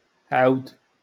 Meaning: horse
- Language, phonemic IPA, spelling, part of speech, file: Moroccan Arabic, /ʕawd/, عود, noun, LL-Q56426 (ary)-عود.wav